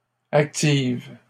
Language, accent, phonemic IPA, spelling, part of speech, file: French, Canada, /ak.tiv/, active, adjective / verb, LL-Q150 (fra)-active.wav
- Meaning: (adjective) feminine singular of actif; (verb) inflection of activer: 1. first/third-person singular present indicative/subjunctive 2. second-person singular imperative